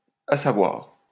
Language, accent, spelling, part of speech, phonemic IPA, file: French, France, à savoir, adverb, /a sa.vwaʁ/, LL-Q150 (fra)-à savoir.wav
- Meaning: 1. that is, i.e 2. namely, to wit 3. it remains to be seen